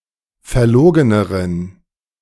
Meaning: inflection of verlogen: 1. strong genitive masculine/neuter singular comparative degree 2. weak/mixed genitive/dative all-gender singular comparative degree
- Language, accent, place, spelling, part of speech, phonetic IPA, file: German, Germany, Berlin, verlogeneren, adjective, [fɛɐ̯ˈloːɡənəʁən], De-verlogeneren.ogg